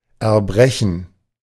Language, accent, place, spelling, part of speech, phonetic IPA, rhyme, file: German, Germany, Berlin, Erbrechen, noun, [ɛɐ̯ˈbʁɛçn̩], -ɛçn̩, De-Erbrechen.ogg
- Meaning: 1. gerund of erbrechen 2. vomiting 3. regurgitation